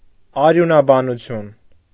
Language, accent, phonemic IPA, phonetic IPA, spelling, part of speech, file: Armenian, Eastern Armenian, /ɑɾjunɑbɑnuˈtʰjun/, [ɑɾjunɑbɑnut͡sʰjún], արյունաբանություն, noun, Hy-արյունաբանություն.ogg
- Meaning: haematology